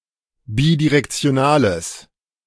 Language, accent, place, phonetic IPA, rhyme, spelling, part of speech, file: German, Germany, Berlin, [ˌbidiʁɛkt͡si̯oˈnaːləs], -aːləs, bidirektionales, adjective, De-bidirektionales.ogg
- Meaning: strong/mixed nominative/accusative neuter singular of bidirektional